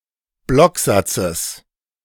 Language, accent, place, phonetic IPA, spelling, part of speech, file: German, Germany, Berlin, [ˈblɔkˌzat͡səs], Blocksatzes, noun, De-Blocksatzes.ogg
- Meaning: genitive singular of Blocksatz